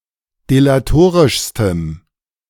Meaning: strong dative masculine/neuter singular superlative degree of delatorisch
- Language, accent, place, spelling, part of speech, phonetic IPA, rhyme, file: German, Germany, Berlin, delatorischstem, adjective, [delaˈtoːʁɪʃstəm], -oːʁɪʃstəm, De-delatorischstem.ogg